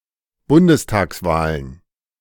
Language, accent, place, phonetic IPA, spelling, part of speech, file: German, Germany, Berlin, [ˈbʊndəstaːksˌvaːlən], Bundestagswahlen, noun, De-Bundestagswahlen.ogg
- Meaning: plural of Bundestagswahl